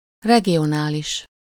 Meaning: regional
- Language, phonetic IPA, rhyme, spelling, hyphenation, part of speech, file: Hungarian, [ˈrɛɡijonaːliʃ], -iʃ, regionális, re‧gi‧o‧ná‧lis, adjective, Hu-regionális.ogg